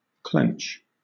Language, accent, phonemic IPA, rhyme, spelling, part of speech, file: English, Southern England, /klɛnt͡ʃ/, -ɛntʃ, clench, verb / noun, LL-Q1860 (eng)-clench.wav
- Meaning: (verb) 1. To grip or hold fast 2. To close tightly 3. Alternative form of clinch (“bend and hammer a nail”) 4. Dated form of clinch (“make certain, finalize”); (noun) A tight grip